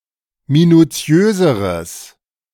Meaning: strong/mixed nominative/accusative neuter singular comparative degree of minutiös
- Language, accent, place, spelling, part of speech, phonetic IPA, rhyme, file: German, Germany, Berlin, minutiöseres, adjective, [minuˈt͡si̯øːzəʁəs], -øːzəʁəs, De-minutiöseres.ogg